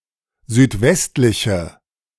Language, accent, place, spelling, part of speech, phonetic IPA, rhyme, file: German, Germany, Berlin, südwestliche, adjective, [zyːtˈvɛstlɪçə], -ɛstlɪçə, De-südwestliche.ogg
- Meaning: inflection of südwestlich: 1. strong/mixed nominative/accusative feminine singular 2. strong nominative/accusative plural 3. weak nominative all-gender singular